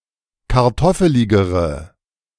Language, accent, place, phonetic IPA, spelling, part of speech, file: German, Germany, Berlin, [kaʁˈtɔfəlɪɡəʁə], kartoffeligere, adjective, De-kartoffeligere.ogg
- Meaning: inflection of kartoffelig: 1. strong/mixed nominative/accusative feminine singular comparative degree 2. strong nominative/accusative plural comparative degree